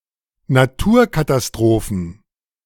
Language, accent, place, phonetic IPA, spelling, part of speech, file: German, Germany, Berlin, [naˈtuːɐ̯katasˌtʁoːfn̩], Naturkatastrophen, noun, De-Naturkatastrophen.ogg
- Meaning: plural of Naturkatastrophe